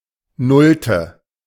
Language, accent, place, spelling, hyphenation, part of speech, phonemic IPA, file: German, Germany, Berlin, nullte, null‧te, adjective, /ˈnʊltə/, De-nullte.ogg
- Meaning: zeroth